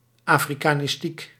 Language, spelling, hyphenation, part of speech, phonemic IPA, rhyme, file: Dutch, afrikanistiek, afri‧ka‧nis‧tiek, noun, /ˌaː.fri.kaː.nɪsˈtik/, -ik, Nl-afrikanistiek.ogg
- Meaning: African linguistics